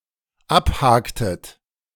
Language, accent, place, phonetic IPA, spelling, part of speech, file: German, Germany, Berlin, [ˈapˌhaːktət], abhaktet, verb, De-abhaktet.ogg
- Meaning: inflection of abhaken: 1. second-person plural dependent preterite 2. second-person plural dependent subjunctive II